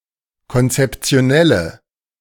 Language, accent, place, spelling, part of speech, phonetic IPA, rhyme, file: German, Germany, Berlin, konzeptionelle, adjective, [kɔnt͡sɛpt͡si̯oˈnɛlə], -ɛlə, De-konzeptionelle.ogg
- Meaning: inflection of konzeptionell: 1. strong/mixed nominative/accusative feminine singular 2. strong nominative/accusative plural 3. weak nominative all-gender singular